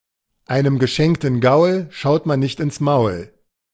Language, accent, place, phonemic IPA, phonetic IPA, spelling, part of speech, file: German, Germany, Berlin, /ˌaɪ̯nem ˌɡəˈʃɛŋtən ˈɡaʊ̯l ˈʃaʊ̯t ˌman nɪçt ɪn(t)s ˈmaʊ̯l/, [ˌʔaɪ̯nem ˌɡəˈʃɛŋʔn̩ ˈɡaʊ̯l ˈʃaʊ̯t ˌman nɪçt ʔɪnt͡s ˈmaʊ̯l], einem geschenkten Gaul schaut man nicht ins Maul, proverb, De-einem geschenkten Gaul schaut man nicht ins Maul.ogg
- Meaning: don't look a gift horse in the mouth